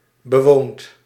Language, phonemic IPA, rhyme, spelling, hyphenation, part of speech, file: Dutch, /bəˈʋoːnt/, -oːnt, bewoond, be‧woond, adjective / verb, Nl-bewoond.ogg
- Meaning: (adjective) inhabited; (verb) past participle of bewonen